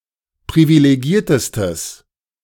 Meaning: strong/mixed nominative/accusative neuter singular superlative degree of privilegiert
- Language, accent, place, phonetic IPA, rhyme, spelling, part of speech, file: German, Germany, Berlin, [pʁivileˈɡiːɐ̯təstəs], -iːɐ̯təstəs, privilegiertestes, adjective, De-privilegiertestes.ogg